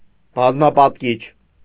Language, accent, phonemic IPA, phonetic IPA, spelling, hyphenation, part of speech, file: Armenian, Eastern Armenian, /bɑzmɑpɑtˈkit͡ʃʰ/, [bɑzmɑpɑtkít͡ʃʰ], բազմապատկիչ, բազ‧մա‧պատ‧կիչ, noun / adjective, Hy-բազմապատկիչ.ogg
- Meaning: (noun) multiplier; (adjective) multiplying